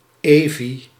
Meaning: a female given name from Hebrew
- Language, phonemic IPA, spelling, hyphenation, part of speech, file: Dutch, /ˈeː.vi/, Evi, Evi, proper noun, Nl-Evi.ogg